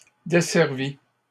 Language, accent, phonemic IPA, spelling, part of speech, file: French, Canada, /de.sɛʁ.vi/, desservis, verb, LL-Q150 (fra)-desservis.wav
- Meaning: 1. first/second-person singular past historic of desservir 2. masculine plural of desservi